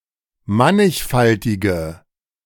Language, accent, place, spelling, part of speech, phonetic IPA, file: German, Germany, Berlin, mannigfaltige, adjective, [ˈmanɪçˌfaltɪɡə], De-mannigfaltige.ogg
- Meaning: inflection of mannigfaltig: 1. strong/mixed nominative/accusative feminine singular 2. strong nominative/accusative plural 3. weak nominative all-gender singular